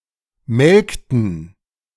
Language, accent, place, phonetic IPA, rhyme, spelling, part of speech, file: German, Germany, Berlin, [ˈmɛlktn̩], -ɛlktn̩, melkten, verb, De-melkten.ogg
- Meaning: inflection of melken: 1. first/third-person plural preterite 2. first/third-person plural subjunctive II